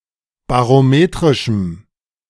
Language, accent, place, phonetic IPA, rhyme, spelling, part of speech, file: German, Germany, Berlin, [baʁoˈmeːtʁɪʃm̩], -eːtʁɪʃm̩, barometrischem, adjective, De-barometrischem.ogg
- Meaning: strong dative masculine/neuter singular of barometrisch